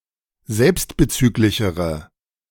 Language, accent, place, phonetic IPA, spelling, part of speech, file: German, Germany, Berlin, [ˈzɛlpstbəˌt͡syːklɪçəʁə], selbstbezüglichere, adjective, De-selbstbezüglichere.ogg
- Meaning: inflection of selbstbezüglich: 1. strong/mixed nominative/accusative feminine singular comparative degree 2. strong nominative/accusative plural comparative degree